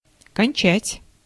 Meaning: 1. to finish, to end 2. to graduate from 3. to ejaculate, to cum (of a man); to orgasm (of a woman) 4. to kill; to waste 5. to finish; to deplete
- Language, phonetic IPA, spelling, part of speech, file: Russian, [kɐnʲˈt͡ɕætʲ], кончать, verb, Ru-кончать.ogg